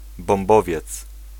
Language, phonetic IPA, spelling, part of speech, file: Polish, [bɔ̃mˈbɔvʲjɛt͡s], bombowiec, noun, Pl-bombowiec.ogg